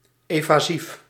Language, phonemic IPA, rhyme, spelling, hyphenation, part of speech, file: Dutch, /ˌeː.vaːˈzif/, -if, evasief, eva‧sief, adjective, Nl-evasief.ogg
- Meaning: evasive